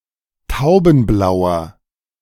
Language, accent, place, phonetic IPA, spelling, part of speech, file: German, Germany, Berlin, [ˈtaʊ̯bn̩ˌblaʊ̯ɐ], taubenblauer, adjective, De-taubenblauer.ogg
- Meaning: inflection of taubenblau: 1. strong/mixed nominative masculine singular 2. strong genitive/dative feminine singular 3. strong genitive plural